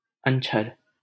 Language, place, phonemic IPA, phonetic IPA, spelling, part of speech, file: Hindi, Delhi, /ən.t͡ʃʰəɾ/, [ɐ̃n.t͡ʃʰɐɾ], अंछर, noun, LL-Q1568 (hin)-अंछर.wav
- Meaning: spell, incantation